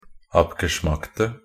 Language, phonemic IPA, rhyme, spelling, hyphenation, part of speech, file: Norwegian Bokmål, /ˈapɡəʃmaktə/, -aktə, abgeschmackte, ab‧ge‧schmack‧te, adjective, Nb-abgeschmackte.ogg
- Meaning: 1. definite singular of abgeschmackt 2. plural of abgeschmackt